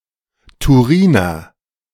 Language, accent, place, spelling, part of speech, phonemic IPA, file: German, Germany, Berlin, Turiner, noun, /tuˈʁiːnɐ/, De-Turiner.ogg
- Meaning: Turinese